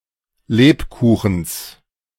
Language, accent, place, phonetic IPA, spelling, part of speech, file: German, Germany, Berlin, [ˈleːpˌkuːxn̩s], Lebkuchens, noun, De-Lebkuchens.ogg
- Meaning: genitive singular of Lebkuchen